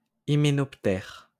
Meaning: hymenopteran
- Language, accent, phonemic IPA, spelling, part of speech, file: French, France, /i.me.nɔp.tɛʁ/, hyménoptère, noun, LL-Q150 (fra)-hyménoptère.wav